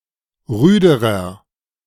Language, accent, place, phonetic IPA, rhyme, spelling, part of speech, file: German, Germany, Berlin, [ˈʁyːdəʁɐ], -yːdəʁɐ, rüderer, adjective, De-rüderer.ogg
- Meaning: inflection of rüde: 1. strong/mixed nominative masculine singular comparative degree 2. strong genitive/dative feminine singular comparative degree 3. strong genitive plural comparative degree